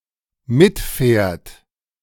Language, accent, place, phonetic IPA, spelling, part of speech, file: German, Germany, Berlin, [ˈmɪtˌfɛːɐ̯t], mitfährt, verb, De-mitfährt.ogg
- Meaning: third-person singular dependent present of mitfahren